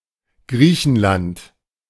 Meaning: Greece (a country in Southeastern Europe)
- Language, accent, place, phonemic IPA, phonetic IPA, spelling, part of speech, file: German, Germany, Berlin, /ˈɡʁiːçənˌlant/, [ˈɡʁiːçn̩ˌlantʰ], Griechenland, proper noun, De-Griechenland.ogg